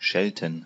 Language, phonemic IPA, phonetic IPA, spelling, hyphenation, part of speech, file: German, /ˈʃɛltən/, [ˈʃɛltn̩], schelten, schel‧ten, verb, De-schelten.ogg
- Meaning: 1. to scold (someone); to rebuke; to chide 2. to scold 3. to curse